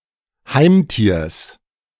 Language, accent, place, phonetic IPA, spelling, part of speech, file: German, Germany, Berlin, [ˈhaɪ̯mˌtiːɐ̯s], Heimtiers, noun, De-Heimtiers.ogg
- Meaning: genitive singular of Heimtier